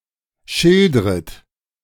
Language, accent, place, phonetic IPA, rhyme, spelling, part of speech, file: German, Germany, Berlin, [ˈʃɪldʁət], -ɪldʁət, schildret, verb, De-schildret.ogg
- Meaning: second-person plural subjunctive I of schildern